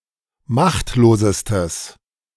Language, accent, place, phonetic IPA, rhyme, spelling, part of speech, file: German, Germany, Berlin, [ˈmaxtloːzəstəs], -axtloːzəstəs, machtlosestes, adjective, De-machtlosestes.ogg
- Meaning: strong/mixed nominative/accusative neuter singular superlative degree of machtlos